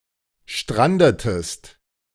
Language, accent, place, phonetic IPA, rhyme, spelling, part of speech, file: German, Germany, Berlin, [ˈʃtʁandətəst], -andətəst, strandetest, verb, De-strandetest.ogg
- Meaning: inflection of stranden: 1. second-person singular preterite 2. second-person singular subjunctive II